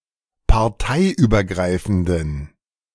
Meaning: inflection of parteiübergreifend: 1. strong genitive masculine/neuter singular 2. weak/mixed genitive/dative all-gender singular 3. strong/weak/mixed accusative masculine singular
- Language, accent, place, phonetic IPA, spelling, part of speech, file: German, Germany, Berlin, [paʁˈtaɪ̯ʔyːbɐˌɡʁaɪ̯fn̩dən], parteiübergreifenden, adjective, De-parteiübergreifenden.ogg